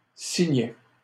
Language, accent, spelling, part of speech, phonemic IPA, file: French, Canada, signet, noun, /si.ɲɛ/, LL-Q150 (fra)-signet.wav
- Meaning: 1. bookmark (strip used to mark a place in a book) 2. signet